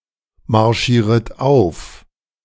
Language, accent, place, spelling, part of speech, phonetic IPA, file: German, Germany, Berlin, marschieret auf, verb, [maʁˌʃiːʁət ˈaʊ̯f], De-marschieret auf.ogg
- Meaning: second-person plural subjunctive I of aufmarschieren